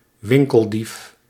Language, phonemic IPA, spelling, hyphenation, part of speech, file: Dutch, /ˈwɪŋkəlˌdif/, winkeldief, win‧kel‧dief, noun, Nl-winkeldief.ogg
- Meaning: shoplifter